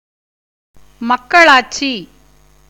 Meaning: democracy (rule by the people)
- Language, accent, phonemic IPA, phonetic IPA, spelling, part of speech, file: Tamil, India, /mɐkːɐɭɑːʈtʃiː/, [mɐkːɐɭäːʈsiː], மக்களாட்சி, noun, Ta-மக்களாட்சி.ogg